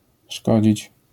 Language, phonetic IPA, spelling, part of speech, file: Polish, [ˈʃkɔd͡ʑit͡ɕ], szkodzić, verb, LL-Q809 (pol)-szkodzić.wav